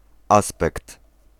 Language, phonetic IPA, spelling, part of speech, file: Polish, [ˈaspɛkt], aspekt, noun, Pl-aspekt.ogg